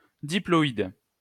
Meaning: diploid (of a cell, having a pair of each type of chromosome)
- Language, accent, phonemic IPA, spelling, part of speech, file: French, France, /di.plɔ.id/, diploïde, adjective, LL-Q150 (fra)-diploïde.wav